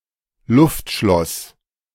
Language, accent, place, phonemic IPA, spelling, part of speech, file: German, Germany, Berlin, /ˈlʊftˌʃlɔs/, Luftschloss, noun, De-Luftschloss.ogg
- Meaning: castle in the air, castle in the sky, pipe dream